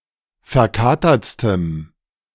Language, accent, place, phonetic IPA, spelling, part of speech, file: German, Germany, Berlin, [fɛɐ̯ˈkaːtɐt͡stəm], verkatertstem, adjective, De-verkatertstem.ogg
- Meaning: strong dative masculine/neuter singular superlative degree of verkatert